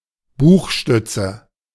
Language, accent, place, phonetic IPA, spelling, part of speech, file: German, Germany, Berlin, [ˈbuːxˌʃtʏt͡sə], Buchstütze, noun, De-Buchstütze.ogg
- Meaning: bookend